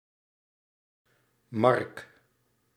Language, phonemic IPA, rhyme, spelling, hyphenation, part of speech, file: Dutch, /mɑrk/, -ɑrk, mark, mark, noun, Nl-mark.ogg
- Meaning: a march, a mark (border region)